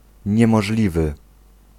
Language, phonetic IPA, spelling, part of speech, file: Polish, [ˌɲɛ̃mɔʒˈlʲivɨ], niemożliwy, adjective, Pl-niemożliwy.ogg